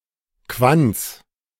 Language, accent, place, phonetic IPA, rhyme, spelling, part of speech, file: German, Germany, Berlin, [kvant͡s], -ant͡s, Quants, noun, De-Quants.ogg
- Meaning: genitive singular of Quant